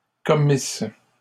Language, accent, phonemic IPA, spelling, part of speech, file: French, Canada, /kɔ.mis/, commisses, verb, LL-Q150 (fra)-commisses.wav
- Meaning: second-person singular imperfect subjunctive of commettre